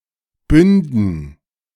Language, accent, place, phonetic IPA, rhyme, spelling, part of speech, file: German, Germany, Berlin, [ˈbʏndn̩], -ʏndn̩, Bünden, noun, De-Bünden.ogg
- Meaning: dative plural of Bund